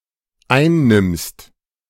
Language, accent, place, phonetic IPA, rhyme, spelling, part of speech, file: German, Germany, Berlin, [ˈaɪ̯nˌnɪmst], -aɪ̯nnɪmst, einnimmst, verb, De-einnimmst.ogg
- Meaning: second-person singular dependent present of einnehmen